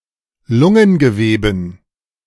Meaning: dative plural of Lungengewebe
- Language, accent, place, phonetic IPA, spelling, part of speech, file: German, Germany, Berlin, [ˈlʊŋənɡəˌveːbn̩], Lungengeweben, noun, De-Lungengeweben.ogg